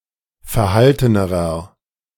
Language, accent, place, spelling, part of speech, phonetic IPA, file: German, Germany, Berlin, verhaltenerer, adjective, [fɛɐ̯ˈhaltənəʁɐ], De-verhaltenerer.ogg
- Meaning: inflection of verhalten: 1. strong/mixed nominative masculine singular comparative degree 2. strong genitive/dative feminine singular comparative degree 3. strong genitive plural comparative degree